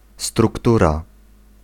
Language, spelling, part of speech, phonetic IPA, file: Polish, struktura, noun, [strukˈtura], Pl-struktura.ogg